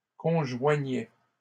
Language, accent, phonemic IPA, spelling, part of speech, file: French, Canada, /kɔ̃.ʒwa.ɲɛ/, conjoignais, verb, LL-Q150 (fra)-conjoignais.wav
- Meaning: first/second-person singular imperfect indicative of conjoindre